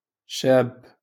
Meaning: young man, youth, adolescent
- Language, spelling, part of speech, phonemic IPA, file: Moroccan Arabic, شاب, noun, /ʃaːbb/, LL-Q56426 (ary)-شاب.wav